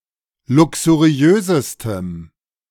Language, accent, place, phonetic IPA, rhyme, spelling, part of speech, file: German, Germany, Berlin, [ˌlʊksuˈʁi̯øːzəstəm], -øːzəstəm, luxuriösestem, adjective, De-luxuriösestem.ogg
- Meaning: strong dative masculine/neuter singular superlative degree of luxuriös